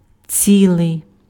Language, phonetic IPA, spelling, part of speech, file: Ukrainian, [ˈt͡sʲiɫei̯], цілий, adjective, Uk-цілий.ogg
- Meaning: whole, intact, entire, integral